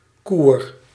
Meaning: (noun) 1. garden, yard (usually fenced) 2. courtyard, yard 3. schoolyard 4. toilet, restroom (area) 5. someone who guards a watchtower
- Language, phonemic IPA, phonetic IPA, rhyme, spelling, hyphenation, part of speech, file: Dutch, /kur/, [kuːr], -ur, koer, koer, noun / verb, Nl-koer.ogg